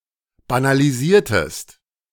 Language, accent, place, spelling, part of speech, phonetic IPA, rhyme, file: German, Germany, Berlin, banalisiertest, verb, [banaliˈziːɐ̯təst], -iːɐ̯təst, De-banalisiertest.ogg
- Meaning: inflection of banalisieren: 1. second-person singular preterite 2. second-person singular subjunctive II